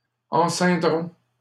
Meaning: third-person plural simple future of enceindre
- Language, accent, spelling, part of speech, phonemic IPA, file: French, Canada, enceindront, verb, /ɑ̃.sɛ̃.dʁɔ̃/, LL-Q150 (fra)-enceindront.wav